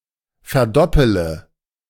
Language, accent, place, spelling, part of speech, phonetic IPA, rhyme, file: German, Germany, Berlin, verdoppele, verb, [fɛɐ̯ˈdɔpələ], -ɔpələ, De-verdoppele.ogg
- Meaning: inflection of verdoppeln: 1. first-person singular present 2. first-person plural subjunctive I 3. third-person singular subjunctive I 4. singular imperative